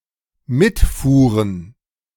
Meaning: first/third-person plural dependent preterite of mitfahren
- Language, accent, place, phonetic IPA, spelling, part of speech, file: German, Germany, Berlin, [ˈmɪtˌfuːʁən], mitfuhren, verb, De-mitfuhren.ogg